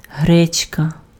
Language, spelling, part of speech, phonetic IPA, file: Ukrainian, гречка, noun, [ˈɦrɛt͡ʃkɐ], Uk-гречка.ogg
- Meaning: buckwheat